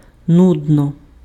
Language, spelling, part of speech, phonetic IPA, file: Ukrainian, нудно, adverb / adjective, [ˈnudnɔ], Uk-нудно.ogg
- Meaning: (adverb) boringly, tediously; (adjective) it is boring